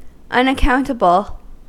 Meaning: 1. Inexplicable; unable to be accounted for or explained 2. Not responsible; free from accountability or control
- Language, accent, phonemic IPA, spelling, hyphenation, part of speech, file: English, US, /ˌʌnəˈkaʊntəbl̩/, unaccountable, un‧ac‧count‧a‧ble, adjective, En-us-unaccountable.ogg